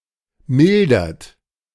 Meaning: inflection of mildern: 1. third-person singular present 2. second-person plural present 3. plural imperative
- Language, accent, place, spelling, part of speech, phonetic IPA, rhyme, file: German, Germany, Berlin, mildert, verb, [ˈmɪldɐt], -ɪldɐt, De-mildert.ogg